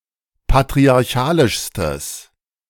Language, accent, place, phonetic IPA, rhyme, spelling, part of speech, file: German, Germany, Berlin, [patʁiaʁˈçaːlɪʃstəs], -aːlɪʃstəs, patriarchalischstes, adjective, De-patriarchalischstes.ogg
- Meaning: strong/mixed nominative/accusative neuter singular superlative degree of patriarchalisch